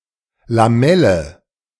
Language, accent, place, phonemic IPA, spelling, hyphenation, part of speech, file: German, Germany, Berlin, /laˈmɛlə/, Lamelle, La‧mel‧le, noun, De-Lamelle.ogg
- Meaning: lamella (thin, plate-like structure, usually in a group): 1. fin (e.g. of a radiator) 2. slat (e.g. of a window blind) 3. gill